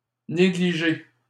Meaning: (noun) négligée (woman's nightgown); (adjective) 1. neglected 2. slovenly; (verb) past participle of négliger
- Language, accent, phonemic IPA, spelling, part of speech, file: French, Canada, /ne.ɡli.ʒe/, négligé, noun / adjective / verb, LL-Q150 (fra)-négligé.wav